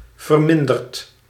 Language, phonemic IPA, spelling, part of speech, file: Dutch, /vərˈmɪndərt/, verminderd, verb / adjective, Nl-verminderd.ogg
- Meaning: past participle of verminderen